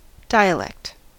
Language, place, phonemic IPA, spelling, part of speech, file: English, California, /ˈdaɪ.əˌlɛkt/, dialect, noun, En-us-dialect.ogg